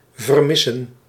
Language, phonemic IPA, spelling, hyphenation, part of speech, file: Dutch, /vərˈmɪ.sə(n)/, vermissen, ver‧mis‧sen, verb, Nl-vermissen.ogg
- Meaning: 1. to go missing 2. to lose, to miss